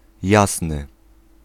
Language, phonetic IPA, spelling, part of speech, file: Polish, [ˈjasnɨ], jasny, adjective, Pl-jasny.ogg